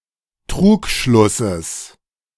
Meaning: genitive singular of Trugschluss
- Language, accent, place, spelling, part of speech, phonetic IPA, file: German, Germany, Berlin, Trugschlusses, noun, [ˈtʁuːkˌʃlʊsəs], De-Trugschlusses.ogg